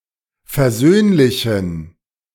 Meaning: inflection of versöhnlich: 1. strong genitive masculine/neuter singular 2. weak/mixed genitive/dative all-gender singular 3. strong/weak/mixed accusative masculine singular 4. strong dative plural
- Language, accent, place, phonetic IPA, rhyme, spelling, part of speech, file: German, Germany, Berlin, [fɛɐ̯ˈzøːnlɪçn̩], -øːnlɪçn̩, versöhnlichen, adjective, De-versöhnlichen.ogg